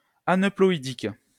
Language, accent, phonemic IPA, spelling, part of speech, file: French, France, /a.nœ.plɔ.i.dik/, aneuploïdique, adjective, LL-Q150 (fra)-aneuploïdique.wav
- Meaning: aneuploid